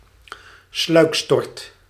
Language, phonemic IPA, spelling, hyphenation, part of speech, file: Dutch, /ˈslœy̯k.stɔrt/, sluikstort, sluik‧stort, noun / verb, Nl-sluikstort.ogg
- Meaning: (noun) an illegal garbage dump; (verb) inflection of sluikstorten: 1. first/second/third-person singular present indicative 2. imperative